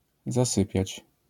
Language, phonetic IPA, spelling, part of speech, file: Polish, [zaˈsɨpʲjät͡ɕ], zasypiać, verb, LL-Q809 (pol)-zasypiać.wav